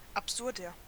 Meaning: inflection of absurd: 1. strong/mixed nominative masculine singular 2. strong genitive/dative feminine singular 3. strong genitive plural
- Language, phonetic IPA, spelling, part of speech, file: German, [apˈzʊʁdɐ], absurder, adjective, De-absurder.ogg